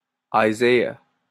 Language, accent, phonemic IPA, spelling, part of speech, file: English, Canada, /aɪˈzeɪ.ə/, Isaiah, proper noun, En-ca-Isaiah.opus
- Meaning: 1. A book of the Old Testament of the Bible, and of the Tanakh 2. A prophet, the author of the Book of Isaiah 3. A male given name from Hebrew